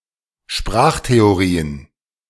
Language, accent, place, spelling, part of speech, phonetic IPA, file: German, Germany, Berlin, Sprachtheorien, noun, [ˈʃpʁaːxteoˌʁiːən], De-Sprachtheorien.ogg
- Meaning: plural of Sprachtheorie